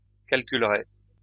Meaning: third-person singular conditional of calculer
- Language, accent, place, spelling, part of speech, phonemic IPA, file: French, France, Lyon, calculerait, verb, /kal.kyl.ʁɛ/, LL-Q150 (fra)-calculerait.wav